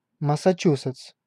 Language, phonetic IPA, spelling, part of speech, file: Russian, [məsɐˈt͡ɕusɨt͡s], Массачусетс, proper noun, Ru-Массачусетс.ogg
- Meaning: Massachusetts (a state of the United States)